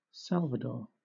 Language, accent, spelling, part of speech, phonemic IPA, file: English, Southern England, Salvador, proper noun, /ˈsælvədɔː/, LL-Q1860 (eng)-Salvador.wav
- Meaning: 1. A male given name from Spanish or Portuguese 2. A surname from Spanish or Portuguese 3. El Salvador, a country in Central America 4. A municipality, the state capital of Bahia, Brazil